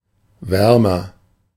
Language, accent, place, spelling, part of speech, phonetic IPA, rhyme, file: German, Germany, Berlin, wärmer, adjective, [ˈvɛʁmɐ], -ɛʁmɐ, De-wärmer.ogg
- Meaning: comparative degree of warm